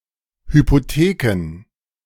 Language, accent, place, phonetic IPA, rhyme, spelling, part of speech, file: German, Germany, Berlin, [hypoˈteːkn̩], -eːkn̩, Hypotheken, noun, De-Hypotheken.ogg
- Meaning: plural of Hypothek